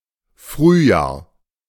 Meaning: spring
- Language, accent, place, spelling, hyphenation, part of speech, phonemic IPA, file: German, Germany, Berlin, Frühjahr, Früh‧jahr, noun, /ˈfryːˌjaːr/, De-Frühjahr.ogg